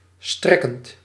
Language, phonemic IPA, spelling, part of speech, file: Dutch, /ˈstrɛkənt/, strekkend, verb / adjective, Nl-strekkend.ogg
- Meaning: present participle of strekken